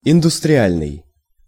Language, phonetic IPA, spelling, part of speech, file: Russian, [ɪndʊstrʲɪˈalʲnɨj], индустриальный, adjective, Ru-индустриальный.ogg
- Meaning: industrial (relating to industry)